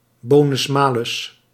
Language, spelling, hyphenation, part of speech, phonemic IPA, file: Dutch, bonus-malus, bo‧nus-ma‧lus, noun, /ˌboː.nʏsˈmaː.lʏs/, Nl-bonus-malus.ogg
- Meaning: merit-rating used to compute no-claim discounts for car insurance